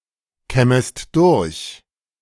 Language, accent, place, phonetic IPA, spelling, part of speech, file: German, Germany, Berlin, [ˌkɛməst ˈdʊʁç], kämmest durch, verb, De-kämmest durch.ogg
- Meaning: second-person singular subjunctive I of durchkämmen